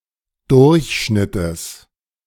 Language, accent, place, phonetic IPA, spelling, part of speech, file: German, Germany, Berlin, [ˈdʊʁçˌʃnɪtəs], Durchschnittes, noun, De-Durchschnittes.ogg
- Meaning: genitive singular of Durchschnitt